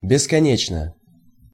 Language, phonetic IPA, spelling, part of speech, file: Russian, [bʲɪskɐˈnʲet͡ɕnə], бесконечно, adverb / adjective, Ru-бесконечно.ogg
- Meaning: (adverb) 1. endlessly, infinitely, boundlessly 2. eternally, indefinitely; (adjective) short neuter singular of бесконе́чный (beskonéčnyj)